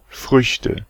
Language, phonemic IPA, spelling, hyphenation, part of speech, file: German, /ˈfʁʏçtə/, Früchte, Früch‧te, noun, De-Früchte.ogg
- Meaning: nominative/accusative/genitive plural of Frucht